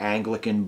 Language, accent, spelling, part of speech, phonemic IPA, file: English, US, Anglican, adjective / noun, /ˈæŋ.ɡlɪ.kən/, En-us-Anglican.ogg
- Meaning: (adjective) 1. Relating to the Church of England, or one of several related churches, such as those in the Anglican Communion 2. English; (noun) A member of an Anglican Church